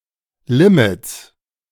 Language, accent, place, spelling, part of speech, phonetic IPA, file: German, Germany, Berlin, Limits, noun, [ˈlɪmɪts], De-Limits.ogg
- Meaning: 1. plural of Limit 2. genitive singular of Limit